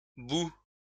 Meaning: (noun) plural of bou; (verb) inflection of bouillir: 1. first/second-person singular present indicative 2. second-person singular imperative
- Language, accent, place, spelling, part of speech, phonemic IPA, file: French, France, Lyon, bous, noun / verb, /bu/, LL-Q150 (fra)-bous.wav